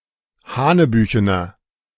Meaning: 1. comparative degree of hanebüchen 2. inflection of hanebüchen: strong/mixed nominative masculine singular 3. inflection of hanebüchen: strong genitive/dative feminine singular
- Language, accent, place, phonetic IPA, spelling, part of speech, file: German, Germany, Berlin, [ˈhaːnəˌbyːçənɐ], hanebüchener, adjective, De-hanebüchener.ogg